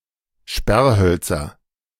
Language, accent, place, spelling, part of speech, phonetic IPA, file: German, Germany, Berlin, Sperrhölzer, noun, [ˈʃpɛʁˌhœlt͡sɐ], De-Sperrhölzer.ogg
- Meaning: nominative/accusative/genitive plural of Sperrholz